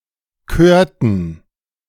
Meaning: inflection of kören: 1. first/third-person plural preterite 2. first/third-person plural subjunctive II
- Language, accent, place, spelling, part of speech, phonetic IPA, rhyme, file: German, Germany, Berlin, körten, verb, [ˈkøːɐ̯tn̩], -øːɐ̯tn̩, De-körten.ogg